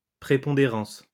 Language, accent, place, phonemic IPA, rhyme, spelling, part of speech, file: French, France, Lyon, /pʁe.pɔ̃.de.ʁɑ̃s/, -ɑ̃s, prépondérance, noun, LL-Q150 (fra)-prépondérance.wav
- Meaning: 1. preponderance 2. predominance